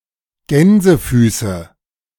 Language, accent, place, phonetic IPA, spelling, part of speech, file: German, Germany, Berlin, [ˈɡɛnzəˌfyːsə], Gänsefüße, noun, De-Gänsefüße.ogg
- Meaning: nominative/accusative/genitive plural of Gänsefuß